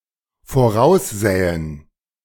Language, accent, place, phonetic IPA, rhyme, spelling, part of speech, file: German, Germany, Berlin, [foˈʁaʊ̯sˌzɛːən], -aʊ̯szɛːən, voraussähen, verb, De-voraussähen.ogg
- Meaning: first/third-person plural dependent subjunctive II of voraussehen